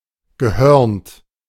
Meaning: 1. horned 2. cuckolded
- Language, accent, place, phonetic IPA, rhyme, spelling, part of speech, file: German, Germany, Berlin, [ɡəˈhœʁnt], -œʁnt, gehörnt, verb, De-gehörnt.ogg